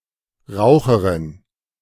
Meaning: female smoker (woman who smokes tobacco habitually)
- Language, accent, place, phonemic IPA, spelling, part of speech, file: German, Germany, Berlin, /ˈʁaʊ̯xəʁɪn/, Raucherin, noun, De-Raucherin.ogg